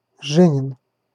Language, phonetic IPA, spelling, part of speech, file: Russian, [ˈʐɛnʲɪn], женин, adjective, Ru-женин.ogg
- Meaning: wife's